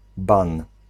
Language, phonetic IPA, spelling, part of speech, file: Polish, [bãn], ban, noun, Pl-ban.ogg